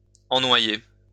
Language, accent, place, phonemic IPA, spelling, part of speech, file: French, France, Lyon, /ɑ̃.nwa.je/, ennoyer, verb, LL-Q150 (fra)-ennoyer.wav
- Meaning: to flood, inundate